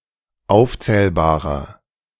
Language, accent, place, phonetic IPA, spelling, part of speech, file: German, Germany, Berlin, [ˈaʊ̯ft͡sɛːlbaːʁɐ], aufzählbarer, adjective, De-aufzählbarer.ogg
- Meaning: inflection of aufzählbar: 1. strong/mixed nominative masculine singular 2. strong genitive/dative feminine singular 3. strong genitive plural